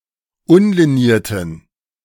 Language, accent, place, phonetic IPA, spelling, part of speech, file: German, Germany, Berlin, [ˈʊnliˌniːɐ̯tn̩], unlinierten, adjective, De-unlinierten.ogg
- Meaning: inflection of unliniert: 1. strong genitive masculine/neuter singular 2. weak/mixed genitive/dative all-gender singular 3. strong/weak/mixed accusative masculine singular 4. strong dative plural